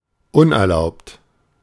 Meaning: 1. unauthorised 2. illicit, illegal, unlawful
- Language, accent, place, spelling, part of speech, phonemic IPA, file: German, Germany, Berlin, unerlaubt, adjective, /ˈʊnʔɛɐ̯ˌlaʊ̯pt/, De-unerlaubt.ogg